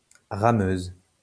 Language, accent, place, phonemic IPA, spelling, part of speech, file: French, France, Lyon, /ʁa.møz/, rameuse, adjective, LL-Q150 (fra)-rameuse.wav
- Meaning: feminine singular of rameux